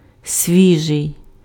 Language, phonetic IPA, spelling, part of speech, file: Ukrainian, [ˈsʲʋʲiʒei̯], свіжий, adjective, Uk-свіжий.ogg
- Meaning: fresh